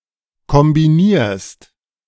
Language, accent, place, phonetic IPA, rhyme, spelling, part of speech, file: German, Germany, Berlin, [kɔmbiˈniːɐ̯st], -iːɐ̯st, kombinierst, verb, De-kombinierst.ogg
- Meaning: second-person singular present of kombinieren